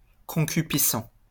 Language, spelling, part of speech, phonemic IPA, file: French, concupiscent, adjective, /kɔ̃.ky.pi.sɑ̃/, LL-Q150 (fra)-concupiscent.wav
- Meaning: concupiscent